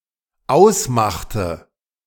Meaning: inflection of ausmachen: 1. first/third-person singular dependent preterite 2. first/third-person singular dependent subjunctive II
- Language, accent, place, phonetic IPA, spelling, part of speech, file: German, Germany, Berlin, [ˈaʊ̯sˌmaxtə], ausmachte, verb, De-ausmachte.ogg